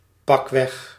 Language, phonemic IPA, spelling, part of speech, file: Dutch, /ˈpɑkwɛx/, pakweg, adverb, Nl-pakweg.ogg
- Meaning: about, roughly, approximately, circa, to the tune of